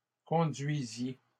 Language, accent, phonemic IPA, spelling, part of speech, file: French, Canada, /kɔ̃.dɥi.zje/, conduisiez, verb, LL-Q150 (fra)-conduisiez.wav
- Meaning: inflection of conduire: 1. second-person plural imperfect indicative 2. second-person plural present subjunctive